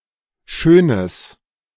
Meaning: strong/mixed nominative/accusative neuter singular of schön
- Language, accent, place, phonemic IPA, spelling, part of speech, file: German, Germany, Berlin, /ˈʃøːnəs/, schönes, adjective, De-schönes.ogg